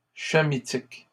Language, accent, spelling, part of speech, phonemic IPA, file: French, Canada, chamitique, adjective, /ʃa.mi.tik/, LL-Q150 (fra)-chamitique.wav
- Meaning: Hamitic (relative to the Hamites)